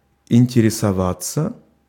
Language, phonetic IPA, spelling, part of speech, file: Russian, [ɪnʲtʲɪrʲɪsɐˈvat͡sːə], интересоваться, verb, Ru-интересоваться.ogg
- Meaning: 1. to be interested 2. to ask about something, to enquire 3. passive of интересова́ть (interesovátʹ)